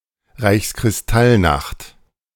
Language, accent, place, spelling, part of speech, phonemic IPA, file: German, Germany, Berlin, Reichskristallnacht, noun, /ˌʁaɪ̯çskʁɪsˈtalˌnaxt/, De-Reichskristallnacht.ogg
- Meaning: Kristallnacht